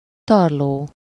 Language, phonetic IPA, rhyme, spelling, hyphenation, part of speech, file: Hungarian, [ˈtɒrloː], -loː, tarló, tar‧ló, noun, Hu-tarló.ogg
- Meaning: 1. stubble (short stalks left in a field after harvest) 2. stubble field